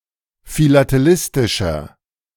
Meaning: inflection of philatelistisch: 1. strong/mixed nominative masculine singular 2. strong genitive/dative feminine singular 3. strong genitive plural
- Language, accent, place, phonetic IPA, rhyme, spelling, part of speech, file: German, Germany, Berlin, [filateˈlɪstɪʃɐ], -ɪstɪʃɐ, philatelistischer, adjective, De-philatelistischer.ogg